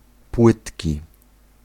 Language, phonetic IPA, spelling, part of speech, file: Polish, [ˈpwɨtʲci], płytki, adjective / noun, Pl-płytki.ogg